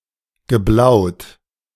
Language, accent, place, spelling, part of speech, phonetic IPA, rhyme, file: German, Germany, Berlin, geblaut, verb, [ɡəˈblaʊ̯t], -aʊ̯t, De-geblaut.ogg
- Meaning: past participle of blauen